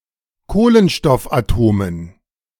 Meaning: dative plural of Kohlenstoffatom
- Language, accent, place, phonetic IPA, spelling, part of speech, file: German, Germany, Berlin, [ˈkoːlənʃtɔfʔaˌtoːmən], Kohlenstoffatomen, noun, De-Kohlenstoffatomen.ogg